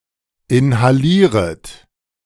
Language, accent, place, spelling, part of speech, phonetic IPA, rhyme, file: German, Germany, Berlin, inhalieret, verb, [ɪnhaˈliːʁət], -iːʁət, De-inhalieret.ogg
- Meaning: second-person plural subjunctive I of inhalieren